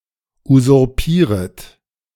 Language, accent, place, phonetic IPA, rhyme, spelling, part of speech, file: German, Germany, Berlin, [uzʊʁˈpiːʁət], -iːʁət, usurpieret, verb, De-usurpieret.ogg
- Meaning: second-person plural subjunctive I of usurpieren